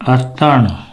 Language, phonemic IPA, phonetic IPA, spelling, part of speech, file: Pashto, /a.taɳ/, [ä.t̪ä́ɳ], اتڼ, noun, اتڼ.ogg
- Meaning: attan dance